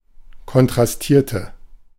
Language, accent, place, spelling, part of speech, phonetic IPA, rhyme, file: German, Germany, Berlin, kontrastierte, verb, [kɔntʁasˈtiːɐ̯tə], -iːɐ̯tə, De-kontrastierte.ogg
- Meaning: inflection of kontrastieren: 1. first/third-person singular preterite 2. first/third-person singular subjunctive II